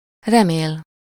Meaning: to hope
- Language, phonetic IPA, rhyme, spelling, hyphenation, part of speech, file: Hungarian, [ˈrɛmeːl], -eːl, remél, re‧mél, verb, Hu-remél.ogg